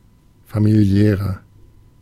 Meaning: 1. comparative degree of familiär 2. inflection of familiär: strong/mixed nominative masculine singular 3. inflection of familiär: strong genitive/dative feminine singular
- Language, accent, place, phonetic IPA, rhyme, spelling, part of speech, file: German, Germany, Berlin, [ˌfamiˈli̯ɛːʁɐ], -ɛːʁɐ, familiärer, adjective, De-familiärer.ogg